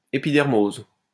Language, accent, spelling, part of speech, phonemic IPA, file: French, France, épidermose, noun, /e.pi.dɛʁ.moz/, LL-Q150 (fra)-épidermose.wav
- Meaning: epidermose